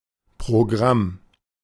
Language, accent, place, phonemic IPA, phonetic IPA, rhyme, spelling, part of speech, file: German, Germany, Berlin, /proˈɡram/, [pʁoˈɡʁäm], -am, Programm, noun, De-Programm.ogg
- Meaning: program (set of structured ideas or activities; a list thereof)